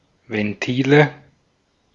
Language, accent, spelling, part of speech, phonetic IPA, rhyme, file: German, Austria, Ventile, noun, [vɛnˈtiːlə], -iːlə, De-at-Ventile.ogg
- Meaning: nominative/accusative/genitive plural of Ventil